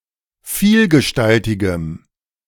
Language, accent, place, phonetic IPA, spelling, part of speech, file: German, Germany, Berlin, [ˈfiːlɡəˌʃtaltɪɡəm], vielgestaltigem, adjective, De-vielgestaltigem.ogg
- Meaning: strong dative masculine/neuter singular of vielgestaltig